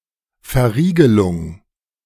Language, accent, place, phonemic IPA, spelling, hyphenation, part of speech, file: German, Germany, Berlin, /fɛɐ̯ˈ.ʁiː.ɡə.lʊŋ/, Verriegelung, Ver‧rie‧ge‧lung, noun, De-Verriegelung.ogg
- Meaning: fastener